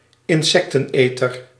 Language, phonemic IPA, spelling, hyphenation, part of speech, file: Dutch, /ɪnˈsɛk.tə(n)ˌeː.tər/, insecteneter, in‧sec‧ten‧eter, noun, Nl-insecteneter.ogg
- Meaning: insectivore